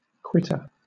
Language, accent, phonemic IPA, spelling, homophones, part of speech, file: English, Southern England, /ˈkwɪ.tə/, quitter, quittor, noun / verb, LL-Q1860 (eng)-quitter.wav
- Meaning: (noun) 1. Matter flowing from a wound or sore; pus 2. Alternative spelling of quittor (“fistulous wound at the top of a horse's foot”) 3. Scoria of tin; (verb) To suppurate; ooze with pus